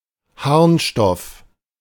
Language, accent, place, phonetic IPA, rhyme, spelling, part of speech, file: German, Germany, Berlin, [ˈhaʁnˌʃtɔf], -aʁnʃtɔf, Harnstoff, noun, De-Harnstoff.ogg
- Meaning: urea